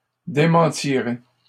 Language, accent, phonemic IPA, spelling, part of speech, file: French, Canada, /de.mɑ̃.ti.ʁe/, démentirai, verb, LL-Q150 (fra)-démentirai.wav
- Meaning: first-person singular simple future of démentir